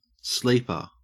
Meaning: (noun) 1. Someone who sleeps 2. That which lies dormant, as a law
- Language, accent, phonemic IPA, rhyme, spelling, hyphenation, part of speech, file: English, Australia, /ˈsliːpə(ɹ)/, -iːpə(ɹ), sleeper, sleep‧er, noun / verb, En-au-sleeper.ogg